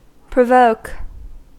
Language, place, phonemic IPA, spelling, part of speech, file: English, California, /pɹəˈvoʊk/, provoke, verb, En-us-provoke.ogg
- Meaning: 1. To cause someone to become annoyed or angry 2. To bring about a reaction 3. To appeal